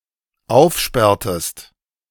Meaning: inflection of aufsperren: 1. second-person singular dependent preterite 2. second-person singular dependent subjunctive II
- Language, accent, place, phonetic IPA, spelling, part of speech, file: German, Germany, Berlin, [ˈaʊ̯fˌʃpɛʁtəst], aufsperrtest, verb, De-aufsperrtest.ogg